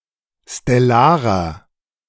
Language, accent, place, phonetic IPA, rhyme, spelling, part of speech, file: German, Germany, Berlin, [stɛˈlaːʁɐ], -aːʁɐ, stellarer, adjective, De-stellarer.ogg
- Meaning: inflection of stellar: 1. strong/mixed nominative masculine singular 2. strong genitive/dative feminine singular 3. strong genitive plural